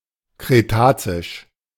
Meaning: Cretaceous
- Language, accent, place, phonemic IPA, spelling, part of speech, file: German, Germany, Berlin, /kʁeˈtaːt͡sɪʃ/, kretazisch, adjective, De-kretazisch.ogg